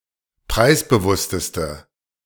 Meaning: inflection of preisbewusst: 1. strong/mixed nominative/accusative feminine singular superlative degree 2. strong nominative/accusative plural superlative degree
- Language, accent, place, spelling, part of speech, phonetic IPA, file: German, Germany, Berlin, preisbewussteste, adjective, [ˈpʁaɪ̯sbəˌvʊstəstə], De-preisbewussteste.ogg